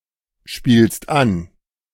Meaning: second-person singular present of anspielen
- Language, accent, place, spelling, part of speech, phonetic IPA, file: German, Germany, Berlin, spielst an, verb, [ˌʃpiːlst ˈan], De-spielst an.ogg